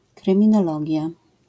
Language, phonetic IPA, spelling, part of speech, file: Polish, [ˌkrɨ̃mʲĩnɔˈlɔɟja], kryminologia, noun, LL-Q809 (pol)-kryminologia.wav